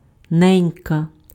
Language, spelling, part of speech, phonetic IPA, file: Ukrainian, ненька, noun / interjection, [ˈnɛnʲkɐ], Uk-ненька.ogg
- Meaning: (noun) 1. diminutive of не́ня (nénja, “mother”) 2. endearing form of не́ня (nénja, “mother”) 3. used to address gently a woman, especially an older one; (interjection) used in exclamations